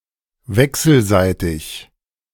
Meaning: mutual, reciprocal
- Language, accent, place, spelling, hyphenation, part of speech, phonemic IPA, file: German, Germany, Berlin, wechselseitig, wech‧sel‧sei‧tig, adjective, /ˈvɛksəlˌzaɪ̯tɪç/, De-wechselseitig.ogg